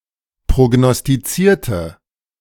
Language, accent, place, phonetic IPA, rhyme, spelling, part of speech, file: German, Germany, Berlin, [pʁoɡnɔstiˈt͡siːɐ̯tə], -iːɐ̯tə, prognostizierte, adjective / verb, De-prognostizierte.ogg
- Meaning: inflection of prognostizieren: 1. first/third-person singular preterite 2. first/third-person singular subjunctive II